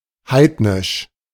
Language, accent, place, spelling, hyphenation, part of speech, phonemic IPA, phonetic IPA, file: German, Germany, Berlin, heidnisch, heid‧nisch, adjective, /ˈhaɪ̯d.nɪʃ/, [ˈhaɪ̯tnɪʃ], De-heidnisch.ogg
- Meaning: heathen, pagan